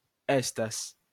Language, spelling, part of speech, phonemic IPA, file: Esperanto, estas, verb, /ˈestas/, LL-Q143 (epo)-estas.wav